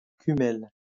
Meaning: kummel
- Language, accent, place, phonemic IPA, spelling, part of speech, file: French, France, Lyon, /ky.mɛl/, kummel, noun, LL-Q150 (fra)-kummel.wav